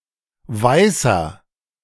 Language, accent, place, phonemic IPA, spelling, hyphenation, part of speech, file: German, Germany, Berlin, /ˈvaɪ̯sɐ/, weißer, wei‧ßer, adjective, De-weißer.ogg
- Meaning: 1. comparative degree of weiß 2. inflection of weiß: strong/mixed nominative masculine singular 3. inflection of weiß: strong genitive/dative feminine singular